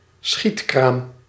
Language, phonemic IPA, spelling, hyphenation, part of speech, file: Dutch, /ˈsxit.kraːm/, schietkraam, schiet‧kraam, noun, Nl-schietkraam.ogg
- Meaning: shooting stall, shooting gallery stall